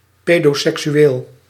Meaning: someone who has sexual tendency towards children, a pedophile
- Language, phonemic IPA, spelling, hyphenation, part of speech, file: Dutch, /ˌpedoˌsɛksyˈwel/, pedoseksueel, pe‧do‧sek‧su‧eel, noun / adjective, Nl-pedoseksueel.ogg